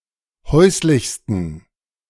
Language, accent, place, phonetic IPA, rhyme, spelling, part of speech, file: German, Germany, Berlin, [ˈhɔɪ̯slɪçstn̩], -ɔɪ̯slɪçstn̩, häuslichsten, adjective, De-häuslichsten.ogg
- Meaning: 1. superlative degree of häuslich 2. inflection of häuslich: strong genitive masculine/neuter singular superlative degree